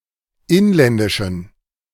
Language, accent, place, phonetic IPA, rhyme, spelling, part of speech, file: German, Germany, Berlin, [ˈɪnlɛndɪʃn̩], -ɪnlɛndɪʃn̩, inländischen, adjective, De-inländischen.ogg
- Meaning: inflection of inländisch: 1. strong genitive masculine/neuter singular 2. weak/mixed genitive/dative all-gender singular 3. strong/weak/mixed accusative masculine singular 4. strong dative plural